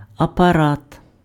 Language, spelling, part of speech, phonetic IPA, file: Ukrainian, апарат, noun, [ɐpɐˈrat], Uk-апарат.ogg
- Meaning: 1. apparatus, device, machine, mechanism 2. apparatus (bureaucratic organization) 3. apparatus, organs, system (set of anatomical or cytological parts functioning together)